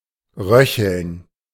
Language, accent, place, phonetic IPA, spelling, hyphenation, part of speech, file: German, Germany, Berlin, [ˈʁœçl̩n], röcheln, rö‧cheln, verb, De-röcheln.ogg
- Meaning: to rattle, to breathe while making snoring, rattling sounds